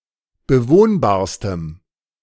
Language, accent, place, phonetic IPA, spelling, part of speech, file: German, Germany, Berlin, [bəˈvoːnbaːɐ̯stəm], bewohnbarstem, adjective, De-bewohnbarstem.ogg
- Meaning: strong dative masculine/neuter singular superlative degree of bewohnbar